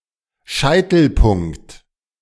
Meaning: apex, vertex, cusp, crest, peak
- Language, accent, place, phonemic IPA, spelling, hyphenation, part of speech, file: German, Germany, Berlin, /ˈʃaɪ̯tl̩ˌpʊŋkt/, Scheitelpunkt, Schei‧tel‧punkt, noun, De-Scheitelpunkt.ogg